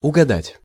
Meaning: to guess (right)
- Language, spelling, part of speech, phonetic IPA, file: Russian, угадать, verb, [ʊɡɐˈdatʲ], Ru-угадать.ogg